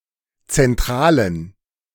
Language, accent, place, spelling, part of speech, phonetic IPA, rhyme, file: German, Germany, Berlin, zentralen, adjective, [t͡sɛnˈtʁaːlən], -aːlən, De-zentralen.ogg
- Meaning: inflection of zentral: 1. strong genitive masculine/neuter singular 2. weak/mixed genitive/dative all-gender singular 3. strong/weak/mixed accusative masculine singular 4. strong dative plural